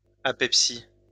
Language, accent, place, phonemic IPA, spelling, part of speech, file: French, France, Lyon, /a.pɛp.si/, apepsie, noun, LL-Q150 (fra)-apepsie.wav
- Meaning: apepsy